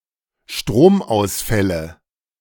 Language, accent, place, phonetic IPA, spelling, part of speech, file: German, Germany, Berlin, [ˈʃtʁoːmʔaʊ̯sˌfɛlə], Stromausfälle, noun, De-Stromausfälle.ogg
- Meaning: nominative/accusative/genitive plural of Stromausfall